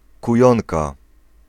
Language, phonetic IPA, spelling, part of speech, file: Polish, [kuˈjɔ̃nka], kujonka, noun, Pl-kujonka.ogg